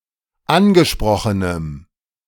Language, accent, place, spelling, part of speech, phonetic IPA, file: German, Germany, Berlin, angesprochenem, adjective, [ˈanɡəˌʃpʁɔxənəm], De-angesprochenem.ogg
- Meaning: strong dative masculine/neuter singular of angesprochen